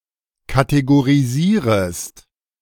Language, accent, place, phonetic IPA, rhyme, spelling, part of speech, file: German, Germany, Berlin, [kateɡoʁiˈziːʁəst], -iːʁəst, kategorisierest, verb, De-kategorisierest.ogg
- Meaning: second-person singular subjunctive I of kategorisieren